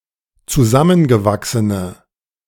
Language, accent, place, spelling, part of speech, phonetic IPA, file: German, Germany, Berlin, zusammengewachsene, adjective, [t͡suˈzamənɡəˌvaksənə], De-zusammengewachsene.ogg
- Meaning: inflection of zusammengewachsen: 1. strong/mixed nominative/accusative feminine singular 2. strong nominative/accusative plural 3. weak nominative all-gender singular